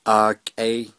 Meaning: autumn, fall (season)
- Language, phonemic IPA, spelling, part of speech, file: Navajo, /ʔɑ̀ːkʼèː/, aakʼee, noun, Nv-aakʼee.ogg